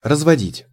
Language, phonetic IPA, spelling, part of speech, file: Russian, [rəzvɐˈdʲitʲ], разводить, verb, Ru-разводить.ogg
- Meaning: 1. to take along, to bring; to conduct 2. to part, to move apart, to pull apart, to separate 3. to dilute, to mix 4. to dissolve 5. to start 6. to divorce 7. to mount, to relieve, to post (sentinels)